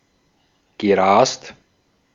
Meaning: past participle of rasen
- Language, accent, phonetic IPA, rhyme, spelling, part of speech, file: German, Austria, [ɡəˈʁaːst], -aːst, gerast, verb, De-at-gerast.ogg